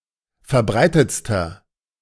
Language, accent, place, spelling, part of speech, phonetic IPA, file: German, Germany, Berlin, verbreitetster, adjective, [fɛɐ̯ˈbʁaɪ̯tət͡stɐ], De-verbreitetster.ogg
- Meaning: inflection of verbreitet: 1. strong/mixed nominative masculine singular superlative degree 2. strong genitive/dative feminine singular superlative degree 3. strong genitive plural superlative degree